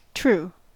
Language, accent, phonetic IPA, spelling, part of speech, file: English, US, [t̠ɹ̠̊˔ʷu̠ː], true, adjective / adverb / noun / verb, En-us-true.ogg
- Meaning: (adjective) Conforming to the actual state of reality or fact; factually correct